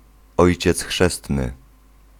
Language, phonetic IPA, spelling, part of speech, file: Polish, [ˈɔjt͡ɕɛt͡s ˈxʃɛstnɨ], ojciec chrzestny, noun, Pl-ojciec chrzestny.ogg